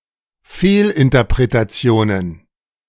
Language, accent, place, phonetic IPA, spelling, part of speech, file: German, Germany, Berlin, [ˈfeːlʔɪntɐpʁetaˌt͡si̯oːnən], Fehlinterpretationen, noun, De-Fehlinterpretationen.ogg
- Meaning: plural of Fehlinterpretation